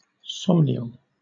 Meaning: Pertaining to dreams
- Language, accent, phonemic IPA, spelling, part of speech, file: English, Southern England, /ˈsɒmnɪəl/, somnial, adjective, LL-Q1860 (eng)-somnial.wav